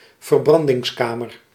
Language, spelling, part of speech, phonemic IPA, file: Dutch, verbrandingskamer, noun, /vərˈbrɑndɪŋsˌkamər/, Nl-verbrandingskamer.ogg
- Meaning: combustion chamber